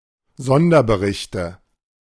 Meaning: nominative/accusative/genitive plural of Sonderbericht
- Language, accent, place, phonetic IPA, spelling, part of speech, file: German, Germany, Berlin, [ˈzɔndɐbəˌʁɪçtə], Sonderberichte, noun, De-Sonderberichte.ogg